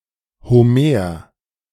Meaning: Homer (ancient Greek poet)
- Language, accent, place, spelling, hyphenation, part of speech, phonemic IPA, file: German, Germany, Berlin, Homer, Ho‧mer, proper noun, /hoˈmeːɐ̯/, De-Homer.ogg